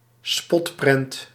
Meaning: caricature, cartoon (image mocking someone or something)
- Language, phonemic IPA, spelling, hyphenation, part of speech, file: Dutch, /ˈspɔt.prɛnt/, spotprent, spot‧prent, noun, Nl-spotprent.ogg